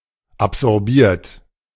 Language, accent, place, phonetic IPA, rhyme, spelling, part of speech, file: German, Germany, Berlin, [apzɔʁˈbiːɐ̯t], -iːɐ̯t, absorbiert, verb, De-absorbiert.ogg
- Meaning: 1. past participle of absorbieren 2. inflection of absorbieren: third-person singular present 3. inflection of absorbieren: second-person plural present 4. inflection of absorbieren: plural imperative